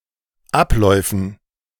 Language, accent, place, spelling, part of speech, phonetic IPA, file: German, Germany, Berlin, Abläufen, noun, [ˈapˌlɔɪ̯fn̩], De-Abläufen.ogg
- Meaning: dative plural of Ablauf